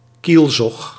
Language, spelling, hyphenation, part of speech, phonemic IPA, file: Dutch, kielzog, kiel‧zog, noun, /ˈkil.zɔx/, Nl-kielzog.ogg
- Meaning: wake (path left behind by boats)